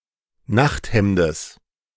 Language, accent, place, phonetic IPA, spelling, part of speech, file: German, Germany, Berlin, [ˈnaxtˌhɛmdəs], Nachthemdes, noun, De-Nachthemdes.ogg
- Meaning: genitive of Nachthemd